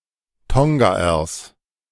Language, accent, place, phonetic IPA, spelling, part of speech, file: German, Germany, Berlin, [ˈtɔŋɡaːɐs], Tongaers, noun, De-Tongaers.ogg
- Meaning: genitive singular of Tongaer